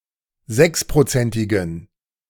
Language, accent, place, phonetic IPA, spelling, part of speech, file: German, Germany, Berlin, [ˈzɛkspʁoˌt͡sɛntɪɡn̩], sechsprozentigen, adjective, De-sechsprozentigen.ogg
- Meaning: inflection of sechsprozentig: 1. strong genitive masculine/neuter singular 2. weak/mixed genitive/dative all-gender singular 3. strong/weak/mixed accusative masculine singular 4. strong dative plural